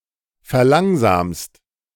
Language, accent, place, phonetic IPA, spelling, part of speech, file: German, Germany, Berlin, [fɛɐ̯ˈlaŋzaːmst], verlangsamst, verb, De-verlangsamst.ogg
- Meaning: second-person singular present of verlangsamen